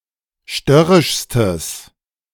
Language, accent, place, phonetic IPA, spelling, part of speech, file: German, Germany, Berlin, [ˈʃtœʁɪʃstəs], störrischstes, adjective, De-störrischstes.ogg
- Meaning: strong/mixed nominative/accusative neuter singular superlative degree of störrisch